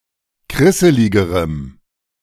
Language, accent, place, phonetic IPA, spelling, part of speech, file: German, Germany, Berlin, [ˈkʁɪsəlɪɡəʁəm], krisseligerem, adjective, De-krisseligerem.ogg
- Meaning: strong dative masculine/neuter singular comparative degree of krisselig